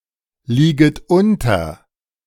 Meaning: second-person plural subjunctive I of unterliegen
- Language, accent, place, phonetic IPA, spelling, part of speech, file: German, Germany, Berlin, [ˌliːɡət ˈʊntɐ], lieget unter, verb, De-lieget unter.ogg